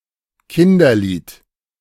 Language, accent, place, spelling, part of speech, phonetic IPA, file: German, Germany, Berlin, Kinderlied, noun, [ˈkɪndɐˌliːt], De-Kinderlied.ogg
- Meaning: nursery rhyme